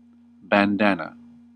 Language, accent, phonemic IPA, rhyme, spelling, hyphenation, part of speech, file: English, US, /bænˈdæn.ə/, -ænə, bandana, ban‧dan‧a, noun, En-us-bandana.ogg
- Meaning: A large kerchief, usually colourful and used either as headgear or as a handkerchief, neckerchief, bikini, or sweatband